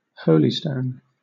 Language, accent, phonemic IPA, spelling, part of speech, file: English, Southern England, /ˈhəʊl.ɪ.stəʊn/, holystone, noun / verb, LL-Q1860 (eng)-holystone.wav
- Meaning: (noun) 1. A piece of soft sandstone used for scouring the wooden decks of ships, usually with sand and seawater 2. A stone with a naturally-formed hole, used by Yorkshiremen for good luck